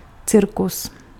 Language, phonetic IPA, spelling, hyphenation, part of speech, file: Czech, [ˈt͡sɪrkus], cirkus, cir‧kus, noun, Cs-cirkus.ogg
- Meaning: circus